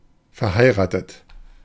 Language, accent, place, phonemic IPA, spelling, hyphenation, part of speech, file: German, Germany, Berlin, /fɛɐ̯ˈhaɪ̯ʁaːtət/, verheiratet, ver‧hei‧ra‧tet, verb / adjective, De-verheiratet.ogg
- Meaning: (verb) past participle of verheiraten; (adjective) married (in a state of marriage; having a wife or a husband)